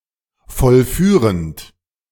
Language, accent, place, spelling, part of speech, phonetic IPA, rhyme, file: German, Germany, Berlin, vollführend, verb, [fɔlˈfyːʁənt], -yːʁənt, De-vollführend.ogg
- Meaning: present participle of vollführen